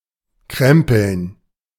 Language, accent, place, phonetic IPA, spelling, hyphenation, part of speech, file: German, Germany, Berlin, [ˈkʁɛmpl̩n], krempeln, krem‧peln, verb, De-krempeln.ogg
- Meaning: 1. to roll up 2. to card